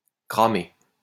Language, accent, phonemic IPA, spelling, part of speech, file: French, France, /kʁa.me/, cramer, verb, LL-Q150 (fra)-cramer.wav
- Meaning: 1. to burn 2. to smoke (a cigarette) 3. to have one's identity found out or discovered